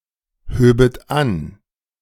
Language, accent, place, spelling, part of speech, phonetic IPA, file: German, Germany, Berlin, höbet an, verb, [ˌhøːbət ˈan], De-höbet an.ogg
- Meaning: second-person plural subjunctive II of anheben